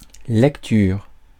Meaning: 1. reading (act or process of reading, interpretation, material read, and some other senses) 2. playback (the replaying of something previously recorded, especially sound or moving images)
- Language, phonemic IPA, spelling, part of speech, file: French, /lɛk.tyʁ/, lecture, noun, Fr-lecture.ogg